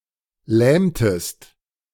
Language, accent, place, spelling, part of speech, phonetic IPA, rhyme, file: German, Germany, Berlin, lähmtest, verb, [ˈlɛːmtəst], -ɛːmtəst, De-lähmtest.ogg
- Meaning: inflection of lähmen: 1. second-person singular preterite 2. second-person singular subjunctive II